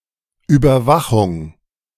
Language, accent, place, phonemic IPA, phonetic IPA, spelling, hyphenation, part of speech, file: German, Germany, Berlin, /ˌyːbəʁˈvaχʊŋ/, [ˌʔyːbɐˈvaχʊŋ], Überwachung, Über‧wa‧chung, noun, De-Überwachung.ogg
- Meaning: surveillance, monitoring